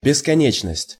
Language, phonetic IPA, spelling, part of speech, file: Russian, [bʲɪskɐˈnʲet͡ɕnəsʲtʲ], бесконечность, noun, Ru-бесконечность.ogg
- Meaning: 1. infinity, endlessness 2. eternity